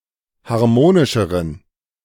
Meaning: inflection of harmonisch: 1. strong genitive masculine/neuter singular comparative degree 2. weak/mixed genitive/dative all-gender singular comparative degree
- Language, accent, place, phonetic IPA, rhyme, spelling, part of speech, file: German, Germany, Berlin, [haʁˈmoːnɪʃəʁən], -oːnɪʃəʁən, harmonischeren, adjective, De-harmonischeren.ogg